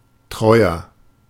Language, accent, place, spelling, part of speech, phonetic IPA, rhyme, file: German, Germany, Berlin, treuer, adjective, [ˈtʁɔɪ̯ɐ], -ɔɪ̯ɐ, De-treuer.ogg
- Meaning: 1. comparative degree of treu 2. inflection of treu: strong/mixed nominative masculine singular 3. inflection of treu: strong genitive/dative feminine singular